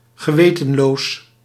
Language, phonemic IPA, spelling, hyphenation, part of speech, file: Dutch, /ɣəˈʋeː.tə(n)ˌloːs/, gewetenloos, ge‧we‧ten‧loos, adjective, Nl-gewetenloos.ogg
- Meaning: 1. without a conscience; not minding one's conscience, amoral, unscrupulous, unprincipled 2. ruthless, merciless, heartless